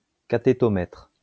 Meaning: cathetometer
- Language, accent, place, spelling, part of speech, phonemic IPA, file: French, France, Lyon, cathétomètre, noun, /ka.te.tɔ.mɛtʁ/, LL-Q150 (fra)-cathétomètre.wav